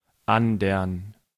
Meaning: alternative form of anderen
- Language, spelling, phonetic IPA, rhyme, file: German, andern, [ˈandɐn], -andɐn, De-andern.ogg